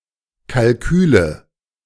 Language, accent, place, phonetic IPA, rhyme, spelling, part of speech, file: German, Germany, Berlin, [kalˈkyːlə], -yːlə, Kalküle, noun, De-Kalküle.ogg
- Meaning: nominative/accusative/genitive plural of Kalkül